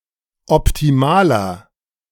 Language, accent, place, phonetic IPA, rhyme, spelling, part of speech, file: German, Germany, Berlin, [ɔptiˈmaːlɐ], -aːlɐ, optimaler, adjective, De-optimaler.ogg
- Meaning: 1. comparative degree of optimal 2. inflection of optimal: strong/mixed nominative masculine singular 3. inflection of optimal: strong genitive/dative feminine singular